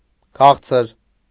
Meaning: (adjective) 1. sweet 2. pleasant, sweet; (noun) sweet course, dessert; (adverb) sweetly
- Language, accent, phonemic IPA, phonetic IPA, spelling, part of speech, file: Armenian, Eastern Armenian, /ˈkʰɑχt͡sʰəɾ/, [kʰɑ́χt͡sʰəɾ], քաղցր, adjective / noun / adverb, Hy-քաղցր.ogg